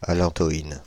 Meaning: allantoin
- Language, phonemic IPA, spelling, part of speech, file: French, /a.lɑ̃.tɔ.in/, allantoïne, noun, Fr-allantoïne.ogg